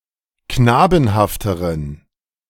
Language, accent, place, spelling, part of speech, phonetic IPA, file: German, Germany, Berlin, knabenhafteren, adjective, [ˈknaːbn̩haftəʁən], De-knabenhafteren.ogg
- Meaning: inflection of knabenhaft: 1. strong genitive masculine/neuter singular comparative degree 2. weak/mixed genitive/dative all-gender singular comparative degree